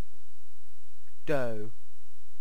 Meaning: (noun) 1. A thick, malleable substance made by mixing flour with other ingredients such as water, eggs, or butter, that is made into a particular form and then baked 2. Money
- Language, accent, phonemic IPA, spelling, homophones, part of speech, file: English, UK, /dəʊ/, dough, doh / d'oh / doe, noun / verb, En-uk-dough.ogg